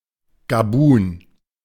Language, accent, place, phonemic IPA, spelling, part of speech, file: German, Germany, Berlin, /ɡaˈbuːn/, Gabun, proper noun, De-Gabun.ogg
- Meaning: Gabon (a country in Central Africa)